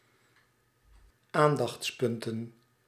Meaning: plural of aandachtspunt
- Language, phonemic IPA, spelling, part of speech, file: Dutch, /ˈandɑx(t)sˌpʏntə(n)/, aandachtspunten, noun, Nl-aandachtspunten.ogg